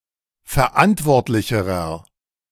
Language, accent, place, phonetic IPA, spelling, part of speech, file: German, Germany, Berlin, [fɛɐ̯ˈʔantvɔʁtlɪçəʁɐ], verantwortlicherer, adjective, De-verantwortlicherer.ogg
- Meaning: inflection of verantwortlich: 1. strong/mixed nominative masculine singular comparative degree 2. strong genitive/dative feminine singular comparative degree